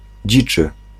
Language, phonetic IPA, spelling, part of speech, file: Polish, [ˈd͡ʑit͡ʃɨ], dziczy, adjective / noun, Pl-dziczy.ogg